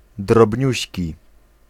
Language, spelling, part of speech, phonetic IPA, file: Polish, drobniuśki, adjective, [drɔbʲˈɲüɕci], Pl-drobniuśki.ogg